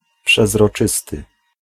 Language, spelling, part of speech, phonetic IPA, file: Polish, przezroczysty, adjective, [ˌpʃɛzrɔˈt͡ʃɨstɨ], Pl-przezroczysty.ogg